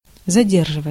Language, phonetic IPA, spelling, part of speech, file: Russian, [zɐˈdʲerʐɨvət͡sə], задерживаться, verb, Ru-задерживаться.ogg
- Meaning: 1. to linger, to stay too long 2. to be late, to be delayed 3. to linger (on, over) 4. passive of заде́рживать (zadérživatʹ)